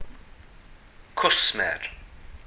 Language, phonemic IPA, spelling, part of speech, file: Welsh, /ˈkʊsmɛr/, cwsmer, noun, Cy-cwsmer.ogg
- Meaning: customer